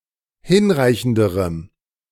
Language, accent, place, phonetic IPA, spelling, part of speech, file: German, Germany, Berlin, [ˈhɪnˌʁaɪ̯çn̩dəʁəm], hinreichenderem, adjective, De-hinreichenderem.ogg
- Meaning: strong dative masculine/neuter singular comparative degree of hinreichend